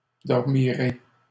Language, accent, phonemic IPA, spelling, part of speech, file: French, Canada, /dɔʁ.mi.ʁe/, dormirez, verb, LL-Q150 (fra)-dormirez.wav
- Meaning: second-person plural future of dormir